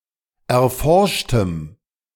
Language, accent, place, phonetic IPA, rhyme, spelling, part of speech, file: German, Germany, Berlin, [ɛɐ̯ˈfɔʁʃtəm], -ɔʁʃtəm, erforschtem, adjective, De-erforschtem.ogg
- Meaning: strong dative masculine/neuter singular of erforscht